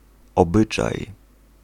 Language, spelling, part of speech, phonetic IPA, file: Polish, obyczaj, noun, [ɔˈbɨt͡ʃaj], Pl-obyczaj.ogg